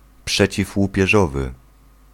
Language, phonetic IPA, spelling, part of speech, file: Polish, [ˌpʃɛt͡ɕivwupʲjɛˈʒɔvɨ], przeciwłupieżowy, adjective, Pl-przeciwłupieżowy.ogg